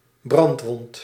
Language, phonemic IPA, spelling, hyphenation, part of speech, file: Dutch, /ˈbrɑnt.ʋɔnt/, brandwond, brand‧wond, noun, Nl-brandwond.ogg
- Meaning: burn